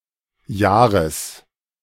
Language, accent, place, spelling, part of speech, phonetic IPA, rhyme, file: German, Germany, Berlin, Jahres, noun, [ˈjaːʁəs], -aːʁəs, De-Jahres.ogg
- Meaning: genitive singular of Jahr